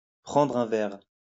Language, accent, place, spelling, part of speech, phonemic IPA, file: French, France, Lyon, prendre un verre, verb, /pʁɑ̃.dʁ‿œ̃ vɛʁ/, LL-Q150 (fra)-prendre un verre.wav
- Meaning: to have a drink